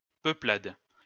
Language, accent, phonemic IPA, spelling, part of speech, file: French, France, /pœ.plad/, peuplade, noun, LL-Q150 (fra)-peuplade.wav
- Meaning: 1. tribe, people 2. group of settlers/colonists